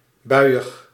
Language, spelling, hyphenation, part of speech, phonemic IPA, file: Dutch, buiig, bui‧ig, adjective, /ˈbœy̯.əx/, Nl-buiig.ogg
- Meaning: rainy, showery